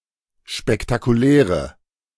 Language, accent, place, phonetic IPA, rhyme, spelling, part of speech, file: German, Germany, Berlin, [ʃpɛktakuˈlɛːʁə], -ɛːʁə, spektakuläre, adjective, De-spektakuläre.ogg
- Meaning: inflection of spektakulär: 1. strong/mixed nominative/accusative feminine singular 2. strong nominative/accusative plural 3. weak nominative all-gender singular